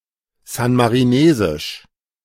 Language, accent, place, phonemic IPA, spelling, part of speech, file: German, Germany, Berlin, /ˌzanmaʁiˈneːzɪʃ/, san-marinesisch, adjective, De-san-marinesisch.ogg
- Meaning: of San Marino; San Marinese